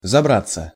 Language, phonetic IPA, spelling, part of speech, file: Russian, [zɐˈbrat͡sːə], забраться, verb, Ru-забраться.ogg
- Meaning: 1. to climb (into), to creep (into), to get (into) 2. to get/move into a remote place 3. passive of забра́ть (zabrátʹ)